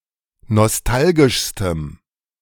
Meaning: strong dative masculine/neuter singular superlative degree of nostalgisch
- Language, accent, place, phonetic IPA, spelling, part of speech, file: German, Germany, Berlin, [nɔsˈtalɡɪʃstəm], nostalgischstem, adjective, De-nostalgischstem.ogg